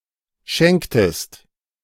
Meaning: inflection of schenken: 1. second-person singular preterite 2. second-person singular subjunctive II
- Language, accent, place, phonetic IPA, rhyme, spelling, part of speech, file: German, Germany, Berlin, [ˈʃɛŋktəst], -ɛŋktəst, schenktest, verb, De-schenktest.ogg